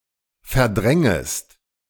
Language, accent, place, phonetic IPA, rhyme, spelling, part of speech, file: German, Germany, Berlin, [fɛɐ̯ˈdʁɛŋəst], -ɛŋəst, verdrängest, verb, De-verdrängest.ogg
- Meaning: second-person singular subjunctive I of verdrängen